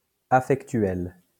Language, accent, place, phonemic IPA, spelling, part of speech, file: French, France, Lyon, /a.fɛk.tɥɛl/, affectuel, adjective, LL-Q150 (fra)-affectuel.wav
- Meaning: affectual